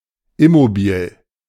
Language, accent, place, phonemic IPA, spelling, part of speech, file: German, Germany, Berlin, /ɪˈmobiːl/, immobil, adjective, De-immobil.ogg
- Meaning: immobile